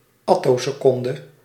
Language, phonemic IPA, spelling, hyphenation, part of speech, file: Dutch, /ˈɑ.toː.səˌkɔn.də/, attoseconde, at‧to‧se‧con‧de, noun, Nl-attoseconde.ogg
- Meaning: attosecond: 10⁻¹⁸ of a second